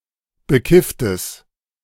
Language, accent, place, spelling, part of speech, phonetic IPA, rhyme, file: German, Germany, Berlin, bekifftes, adjective, [bəˈkɪftəs], -ɪftəs, De-bekifftes.ogg
- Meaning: strong/mixed nominative/accusative neuter singular of bekifft